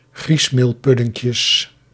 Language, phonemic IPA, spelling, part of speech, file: Dutch, /ˈɣrismelˌpʏdɪŋkjəs/, griesmeelpuddinkjes, noun, Nl-griesmeelpuddinkjes.ogg
- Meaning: plural of griesmeelpuddinkje